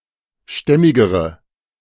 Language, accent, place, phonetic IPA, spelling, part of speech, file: German, Germany, Berlin, [ˈʃtɛmɪɡəʁə], stämmigere, adjective, De-stämmigere.ogg
- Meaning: inflection of stämmig: 1. strong/mixed nominative/accusative feminine singular comparative degree 2. strong nominative/accusative plural comparative degree